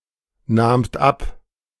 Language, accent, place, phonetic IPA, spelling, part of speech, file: German, Germany, Berlin, [ˌnaːmt ˈap], nahmt ab, verb, De-nahmt ab.ogg
- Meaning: second-person plural preterite of abnehmen